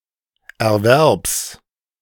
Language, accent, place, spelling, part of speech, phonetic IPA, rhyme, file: German, Germany, Berlin, Erwerbs, noun, [ɛɐ̯ˈvɛʁps], -ɛʁps, De-Erwerbs.ogg
- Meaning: genitive singular of Erwerb